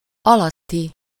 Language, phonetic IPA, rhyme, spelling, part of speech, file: Hungarian, [ˈɒlɒtːi], -ti, alatti, adjective, Hu-alatti.ogg
- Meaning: under